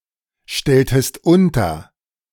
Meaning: inflection of unterstellen: 1. second-person singular preterite 2. second-person singular subjunctive II
- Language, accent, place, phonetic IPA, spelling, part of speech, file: German, Germany, Berlin, [ˌʃtɛltəst ˈʊntɐ], stelltest unter, verb, De-stelltest unter.ogg